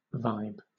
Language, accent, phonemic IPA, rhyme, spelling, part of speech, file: English, Southern England, /vaɪb/, -aɪb, vibe, noun / verb, LL-Q1860 (eng)-vibe.wav
- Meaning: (noun) 1. An atmosphere or aura felt to belong to a person, place or thing 2. Gut feeling, an impression based on intuition instead of solid data